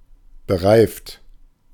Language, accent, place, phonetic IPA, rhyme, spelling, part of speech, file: German, Germany, Berlin, [bəˈʁaɪ̯ft], -aɪ̯ft, bereift, adjective / verb, De-bereift.ogg
- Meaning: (verb) past participle of bereifen; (adjective) equipped with tires